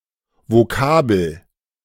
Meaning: word (item of vocabulary, especially in language learning)
- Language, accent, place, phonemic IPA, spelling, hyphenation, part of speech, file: German, Germany, Berlin, /voˈkaːbl̩/, Vokabel, Vo‧ka‧bel, noun, De-Vokabel.ogg